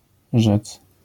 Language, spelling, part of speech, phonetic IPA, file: Polish, rzec, verb, [ʒɛt͡s], LL-Q809 (pol)-rzec.wav